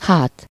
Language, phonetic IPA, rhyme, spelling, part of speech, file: Hungarian, [ˈhaːt], -aːt, hát, noun / interjection, Hu-hát.ogg
- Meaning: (noun) back (part of the body); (interjection) 1. well 2. then, and, but (in questioning back) 3. of course, surely (reacting to a statement to suggest confidence in the truth of it)